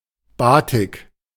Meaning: batik
- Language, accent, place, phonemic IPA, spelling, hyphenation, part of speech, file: German, Germany, Berlin, /ˈbaːtɪk/, Batik, Ba‧tik, noun, De-Batik.ogg